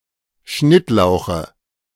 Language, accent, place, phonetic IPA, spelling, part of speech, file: German, Germany, Berlin, [ˈʃnɪtˌlaʊ̯xə], Schnittlauche, noun, De-Schnittlauche.ogg
- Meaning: nominative/accusative/genitive plural of Schnittlauch